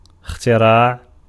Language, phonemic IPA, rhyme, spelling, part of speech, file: Arabic, /ix.ti.raːʕ/, -aːʕ, اختراع, noun, Ar-اختراع.ogg
- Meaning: 1. verbal noun of اِخْتَرَعَ (iḵtaraʕa) (form VIII) 2. invention